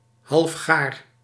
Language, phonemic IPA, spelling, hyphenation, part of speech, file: Dutch, /ɦɑlfˈxaːr/, halfgaar, half‧gaar, adjective, Nl-halfgaar.ogg
- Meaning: 1. not completely cooked, half-baked 2. medium rare 3. crazy, foolish, half-baked